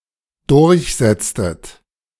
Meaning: inflection of durchsetzen: 1. second-person plural dependent preterite 2. second-person plural dependent subjunctive II
- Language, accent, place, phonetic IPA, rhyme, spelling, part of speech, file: German, Germany, Berlin, [ˈdʊʁçˌzɛt͡stət], -ɛt͡stət, durchsetztet, verb, De-durchsetztet.ogg